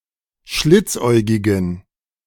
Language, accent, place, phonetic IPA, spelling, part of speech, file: German, Germany, Berlin, [ˈʃlɪt͡sˌʔɔɪ̯ɡɪɡn̩], schlitzäugigen, adjective, De-schlitzäugigen.ogg
- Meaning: inflection of schlitzäugig: 1. strong genitive masculine/neuter singular 2. weak/mixed genitive/dative all-gender singular 3. strong/weak/mixed accusative masculine singular 4. strong dative plural